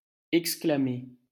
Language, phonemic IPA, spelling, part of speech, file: French, /ɛk.skla.me/, exclamer, verb, LL-Q150 (fra)-exclamer.wav
- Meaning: to exclaim, shout out